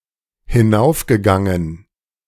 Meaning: past participle of hinaufgehen
- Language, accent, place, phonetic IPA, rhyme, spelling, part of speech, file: German, Germany, Berlin, [hɪˈnaʊ̯fɡəˌɡaŋən], -aʊ̯fɡəɡaŋən, hinaufgegangen, verb, De-hinaufgegangen.ogg